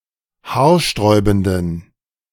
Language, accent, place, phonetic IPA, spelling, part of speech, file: German, Germany, Berlin, [ˈhaːɐ̯ˌʃtʁɔɪ̯bn̩dən], haarsträubenden, adjective, De-haarsträubenden.ogg
- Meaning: inflection of haarsträubend: 1. strong genitive masculine/neuter singular 2. weak/mixed genitive/dative all-gender singular 3. strong/weak/mixed accusative masculine singular 4. strong dative plural